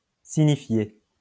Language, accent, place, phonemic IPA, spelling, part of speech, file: French, France, Lyon, /si.ɲi.fje/, signifié, verb / noun, LL-Q150 (fra)-signifié.wav
- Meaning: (verb) past participle of signifier; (noun) signified